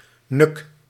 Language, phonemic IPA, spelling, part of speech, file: Dutch, /nʏk/, nuk, noun, Nl-nuk.ogg
- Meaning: whim, impulse